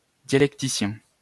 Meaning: dialectician
- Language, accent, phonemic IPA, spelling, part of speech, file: French, France, /dja.lɛk.ti.sjɛ̃/, dialecticien, adjective, LL-Q150 (fra)-dialecticien.wav